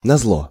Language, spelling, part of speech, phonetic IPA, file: Russian, назло, adverb, [nɐzˈɫo], Ru-назло.ogg
- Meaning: to spite